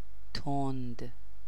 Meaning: 1. fast; quick 2. spicy; hot 3. harsh; acrid; biting; sharp 4. severe; intense 5. strong; intense (of a beverage, a color) 6. quick to anger; irate 7. sharp; steep
- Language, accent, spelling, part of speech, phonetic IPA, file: Persian, Iran, تند, adjective, [t̪ʰon̪d̪̥], Fa-تند.ogg